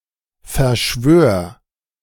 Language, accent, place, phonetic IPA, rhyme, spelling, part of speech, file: German, Germany, Berlin, [fɛɐ̯ˈʃvøːɐ̯], -øːɐ̯, verschwör, verb, De-verschwör.ogg
- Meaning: singular imperative of verschwören